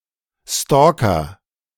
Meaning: stalker (a person who engages in stalking)
- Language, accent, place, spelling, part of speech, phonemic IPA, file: German, Germany, Berlin, Stalker, noun, /ˈstɔːkɐ/, De-Stalker.ogg